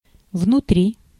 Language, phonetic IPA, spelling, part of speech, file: Russian, [vnʊˈtrʲi], внутри, adverb / preposition, Ru-внутри.ogg
- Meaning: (adverb) in or into the interior; inside; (preposition) in, inside, within (position)